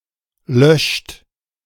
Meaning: inflection of löschen: 1. third-person singular present 2. second-person plural present 3. plural imperative
- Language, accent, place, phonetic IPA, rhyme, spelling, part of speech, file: German, Germany, Berlin, [lœʃt], -œʃt, löscht, verb, De-löscht.ogg